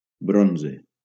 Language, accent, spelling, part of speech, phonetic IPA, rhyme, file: Catalan, Valencia, bronze, noun, [ˈbɾon.ze], -onze, LL-Q7026 (cat)-bronze.wav
- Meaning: 1. bronze (metal) 2. bronze medal